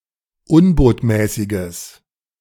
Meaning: strong/mixed nominative/accusative neuter singular of unbotmäßig
- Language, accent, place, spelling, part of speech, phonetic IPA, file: German, Germany, Berlin, unbotmäßiges, adjective, [ˈʊnboːtmɛːsɪɡəs], De-unbotmäßiges.ogg